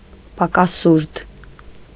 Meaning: deficit
- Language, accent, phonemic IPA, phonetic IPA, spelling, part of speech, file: Armenian, Eastern Armenian, /pɑkɑˈsuɾtʰ/, [pɑkɑsúɾtʰ], պակասուրդ, noun, Hy-պակասուրդ.ogg